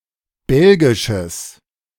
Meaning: strong/mixed nominative/accusative neuter singular of belgisch
- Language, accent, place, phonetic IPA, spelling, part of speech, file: German, Germany, Berlin, [ˈbɛlɡɪʃəs], belgisches, adjective, De-belgisches.ogg